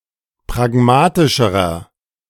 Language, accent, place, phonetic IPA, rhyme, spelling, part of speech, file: German, Germany, Berlin, [pʁaˈɡmaːtɪʃəʁɐ], -aːtɪʃəʁɐ, pragmatischerer, adjective, De-pragmatischerer.ogg
- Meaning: inflection of pragmatisch: 1. strong/mixed nominative masculine singular comparative degree 2. strong genitive/dative feminine singular comparative degree 3. strong genitive plural comparative degree